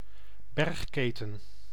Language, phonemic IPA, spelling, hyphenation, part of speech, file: Dutch, /ˈbɛrxˌkeː.tə(n)/, bergketen, berg‧ke‧ten, noun, Nl-bergketen.ogg
- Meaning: mountain chain; mountain range